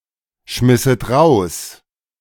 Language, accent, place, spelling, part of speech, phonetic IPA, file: German, Germany, Berlin, schmisset raus, verb, [ˌʃmɪsət ˈʁaʊ̯s], De-schmisset raus.ogg
- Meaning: second-person plural subjunctive II of rausschmeißen